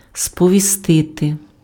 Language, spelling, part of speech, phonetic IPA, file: Ukrainian, сповістити, verb, [spɔʋʲiˈstɪte], Uk-сповістити.ogg
- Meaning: to notify, to inform, to let know (somebody of something / that: кого́сь (accusative) про щось (accusative) / що)